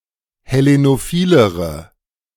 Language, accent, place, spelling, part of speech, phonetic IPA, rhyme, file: German, Germany, Berlin, hellenophilere, adjective, [hɛˌlenoˈfiːləʁə], -iːləʁə, De-hellenophilere.ogg
- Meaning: inflection of hellenophil: 1. strong/mixed nominative/accusative feminine singular comparative degree 2. strong nominative/accusative plural comparative degree